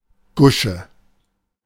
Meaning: alternative form of Gosche
- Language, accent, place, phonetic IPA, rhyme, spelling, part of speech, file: German, Germany, Berlin, [ˈɡʊʃə], -ʊʃə, Gusche, noun, De-Gusche.ogg